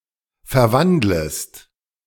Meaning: second-person singular subjunctive I of verwandeln
- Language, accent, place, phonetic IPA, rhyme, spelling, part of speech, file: German, Germany, Berlin, [fɛɐ̯ˈvandləst], -andləst, verwandlest, verb, De-verwandlest.ogg